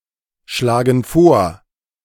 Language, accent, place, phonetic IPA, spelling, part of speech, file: German, Germany, Berlin, [ˌʃlaːɡn̩ ˈfoːɐ̯], schlagen vor, verb, De-schlagen vor.ogg
- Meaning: inflection of vorschlagen: 1. first/third-person plural present 2. first/third-person plural subjunctive I